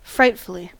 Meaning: 1. In a frightful manner 2. Very, extremely
- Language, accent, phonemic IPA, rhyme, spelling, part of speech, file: English, US, /ˈfɹaɪtfəli/, -aɪtfəli, frightfully, adverb, En-us-frightfully.ogg